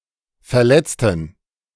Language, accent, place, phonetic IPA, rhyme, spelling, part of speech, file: German, Germany, Berlin, [fɛɐ̯ˈlɛt͡stn̩], -ɛt͡stn̩, verletzten, adjective / verb, De-verletzten.ogg
- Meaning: inflection of verletzen: 1. first/third-person plural preterite 2. first/third-person plural subjunctive II